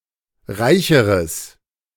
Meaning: strong/mixed nominative/accusative neuter singular comparative degree of reich
- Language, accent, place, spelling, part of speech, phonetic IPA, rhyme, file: German, Germany, Berlin, reicheres, adjective, [ˈʁaɪ̯çəʁəs], -aɪ̯çəʁəs, De-reicheres.ogg